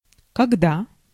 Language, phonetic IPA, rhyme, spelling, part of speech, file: Russian, [kɐɡˈda], -a, когда, adverb / conjunction, Ru-когда.ogg
- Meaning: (adverb) when